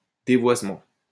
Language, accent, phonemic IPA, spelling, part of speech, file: French, France, /de.vwaz.mɑ̃/, dévoisement, noun, LL-Q150 (fra)-dévoisement.wav
- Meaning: devoicing, surdization